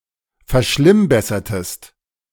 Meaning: inflection of verschlimmbessern: 1. second-person singular preterite 2. second-person singular subjunctive II
- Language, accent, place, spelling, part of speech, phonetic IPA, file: German, Germany, Berlin, verschlimmbessertest, verb, [fɛɐ̯ˈʃlɪmˌbɛsɐtəst], De-verschlimmbessertest.ogg